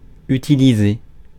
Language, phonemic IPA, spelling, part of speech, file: French, /y.ti.li.ze/, utiliser, verb, Fr-utiliser.ogg
- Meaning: to use, to utilize